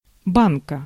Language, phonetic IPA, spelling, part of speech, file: Russian, [ˈbankə], банка, noun, Ru-банка.ogg
- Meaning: 1. jar, pot 2. can, tin 3. cupping glass 4. guns (muscles) 5. sandbank, shoal 6. устричная банка oyster bed 7. thwart (oarsman’s transverse seat) 8. genitive singular of банк (bank)